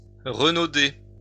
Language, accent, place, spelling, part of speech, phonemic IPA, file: French, France, Lyon, renauder, verb, /ʁə.no.de/, LL-Q150 (fra)-renauder.wav
- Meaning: 1. to protest loudly 2. to become angry 3. to show reluctance, or to refuse to do something